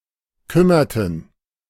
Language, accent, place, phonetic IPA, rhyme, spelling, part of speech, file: German, Germany, Berlin, [ˈkʏmɐtn̩], -ʏmɐtn̩, kümmerten, verb, De-kümmerten.ogg
- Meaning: inflection of kümmern: 1. first/third-person plural preterite 2. first/third-person plural subjunctive II